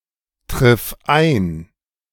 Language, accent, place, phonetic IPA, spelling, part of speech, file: German, Germany, Berlin, [ˌtʁɪf ˈaɪ̯n], triff ein, verb, De-triff ein.ogg
- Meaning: singular imperative of eintreffen